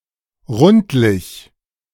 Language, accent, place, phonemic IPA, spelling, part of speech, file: German, Germany, Berlin, /ˈʁʊntlɪç/, rundlich, adjective, De-rundlich.ogg
- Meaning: plump, rotund